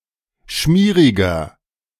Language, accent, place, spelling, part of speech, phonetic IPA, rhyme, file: German, Germany, Berlin, schmieriger, adjective, [ˈʃmiːʁɪɡɐ], -iːʁɪɡɐ, De-schmieriger.ogg
- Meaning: 1. comparative degree of schmierig 2. inflection of schmierig: strong/mixed nominative masculine singular 3. inflection of schmierig: strong genitive/dative feminine singular